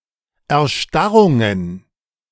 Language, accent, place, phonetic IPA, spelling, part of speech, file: German, Germany, Berlin, [ɛɐ̯ˈʃtaʁʊŋən], Erstarrungen, noun, De-Erstarrungen.ogg
- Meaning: plural of Erstarrung